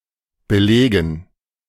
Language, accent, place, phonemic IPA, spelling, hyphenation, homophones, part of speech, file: German, Germany, Berlin, /bəˈlɛːɡən/, Belägen, Be‧lä‧gen, belegen, noun, De-Belägen.ogg
- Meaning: dative plural of Belag